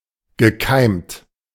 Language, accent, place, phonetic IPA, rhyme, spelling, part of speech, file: German, Germany, Berlin, [ɡəˈkaɪ̯mt], -aɪ̯mt, gekeimt, verb, De-gekeimt.ogg
- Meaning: past participle of keimen